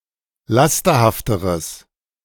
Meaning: strong/mixed nominative/accusative neuter singular comparative degree of lasterhaft
- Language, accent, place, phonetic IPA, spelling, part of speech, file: German, Germany, Berlin, [ˈlastɐhaftəʁəs], lasterhafteres, adjective, De-lasterhafteres.ogg